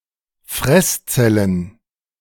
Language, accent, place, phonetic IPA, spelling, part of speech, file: German, Germany, Berlin, [ˈfʁɛsˌt͡sɛlən], Fresszellen, noun, De-Fresszellen.ogg
- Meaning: plural of Fresszelle